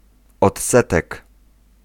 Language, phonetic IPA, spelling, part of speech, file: Polish, [ɔtˈsɛtɛk], odsetek, noun, Pl-odsetek.ogg